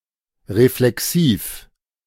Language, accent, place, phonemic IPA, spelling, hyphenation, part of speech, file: German, Germany, Berlin, /ʁeflɛˈksiːf/, reflexiv, re‧fle‧xiv, adjective, De-reflexiv.ogg
- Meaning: reflexive